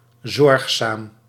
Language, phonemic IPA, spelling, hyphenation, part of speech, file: Dutch, /ˈzɔrx.saːm/, zorgzaam, zorg‧zaam, adjective, Nl-zorgzaam.ogg
- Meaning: caring, considerate